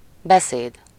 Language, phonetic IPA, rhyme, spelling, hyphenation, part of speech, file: Hungarian, [ˈbɛseːd], -eːd, beszéd, be‧széd, noun, Hu-beszéd.ogg
- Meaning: speech